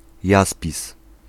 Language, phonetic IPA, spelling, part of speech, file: Polish, [ˈjaspʲis], jaspis, noun, Pl-jaspis.ogg